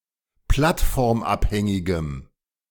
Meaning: strong dative masculine/neuter singular of plattformabhängig
- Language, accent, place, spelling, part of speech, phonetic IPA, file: German, Germany, Berlin, plattformabhängigem, adjective, [ˈplatfɔʁmˌʔaphɛŋɪɡəm], De-plattformabhängigem.ogg